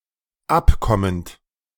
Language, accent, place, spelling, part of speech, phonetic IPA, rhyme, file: German, Germany, Berlin, abkommend, verb, [ˈapˌkɔmənt], -apkɔmənt, De-abkommend.ogg
- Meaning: present participle of abkommen